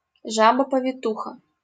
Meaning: midwife (woman who assists other women in childbirth)
- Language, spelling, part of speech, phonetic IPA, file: Russian, повитуха, noun, [pəvʲɪˈtuxə], LL-Q7737 (rus)-повитуха.wav